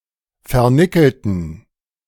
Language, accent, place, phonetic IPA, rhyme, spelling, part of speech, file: German, Germany, Berlin, [fɛɐ̯ˈnɪkl̩tn̩], -ɪkl̩tn̩, vernickelten, adjective / verb, De-vernickelten.ogg
- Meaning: inflection of vernickelt: 1. strong genitive masculine/neuter singular 2. weak/mixed genitive/dative all-gender singular 3. strong/weak/mixed accusative masculine singular 4. strong dative plural